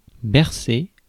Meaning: to cradle; to rock
- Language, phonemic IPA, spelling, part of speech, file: French, /bɛʁ.se/, bercer, verb, Fr-bercer.ogg